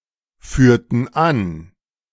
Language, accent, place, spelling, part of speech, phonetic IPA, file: German, Germany, Berlin, führten an, verb, [ˌfyːɐ̯tn̩ ˈan], De-führten an.ogg
- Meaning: inflection of anführen: 1. first/third-person plural preterite 2. first/third-person plural subjunctive II